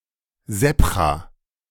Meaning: sabkha
- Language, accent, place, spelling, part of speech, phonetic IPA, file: German, Germany, Berlin, Sebcha, noun, [ˈzɛpxa], De-Sebcha.ogg